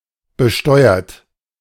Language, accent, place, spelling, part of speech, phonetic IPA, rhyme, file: German, Germany, Berlin, besteuert, verb, [bəˈʃtɔɪ̯ɐt], -ɔɪ̯ɐt, De-besteuert.ogg
- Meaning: 1. past participle of besteuern 2. inflection of besteuern: third-person singular present 3. inflection of besteuern: second-person plural present 4. inflection of besteuern: plural imperative